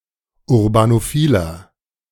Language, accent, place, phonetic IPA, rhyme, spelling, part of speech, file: German, Germany, Berlin, [ʊʁbanoˈfiːlɐ], -iːlɐ, urbanophiler, adjective, De-urbanophiler.ogg
- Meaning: inflection of urbanophil: 1. strong/mixed nominative masculine singular 2. strong genitive/dative feminine singular 3. strong genitive plural